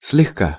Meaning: 1. lightly, slightly 2. in passing 3. easily
- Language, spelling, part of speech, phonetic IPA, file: Russian, слегка, adverb, [s⁽ʲ⁾lʲɪxˈka], Ru-слегка.ogg